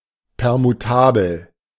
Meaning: permutable
- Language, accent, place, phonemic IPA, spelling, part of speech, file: German, Germany, Berlin, /pɛʁmuˈtaːbl̩/, permutabel, adjective, De-permutabel.ogg